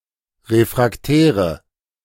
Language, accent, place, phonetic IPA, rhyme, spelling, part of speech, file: German, Germany, Berlin, [ˌʁefʁakˈtɛːʁə], -ɛːʁə, refraktäre, adjective, De-refraktäre.ogg
- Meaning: inflection of refraktär: 1. strong/mixed nominative/accusative feminine singular 2. strong nominative/accusative plural 3. weak nominative all-gender singular